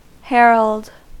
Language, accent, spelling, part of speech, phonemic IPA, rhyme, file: English, US, herald, noun / verb, /ˈhɛɹəld/, -ɛɹəld, En-us-herald.ogg
- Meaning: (noun) 1. A messenger, especially one bringing important news 2. A harbinger, giving signs of things to come